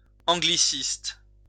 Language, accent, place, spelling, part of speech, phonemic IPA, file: French, France, Lyon, angliciste, noun, /ɑ̃.ɡli.sist/, LL-Q150 (fra)-angliciste.wav
- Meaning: Anglicist